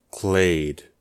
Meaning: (noun) 1. A group of animals or other organisms derived from a common ancestor species 2. A higher level grouping of a genetic haplogroup; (verb) To be part of a clade; to form a clade
- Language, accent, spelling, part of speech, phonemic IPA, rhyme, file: English, US, clade, noun / verb, /kleɪd/, -eɪd, En-us-clade.ogg